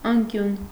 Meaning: 1. angle 2. corner, nook
- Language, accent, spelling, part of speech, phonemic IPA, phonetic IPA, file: Armenian, Eastern Armenian, անկյուն, noun, /ɑnˈkjun/, [ɑŋkjún], Hy-անկյուն.ogg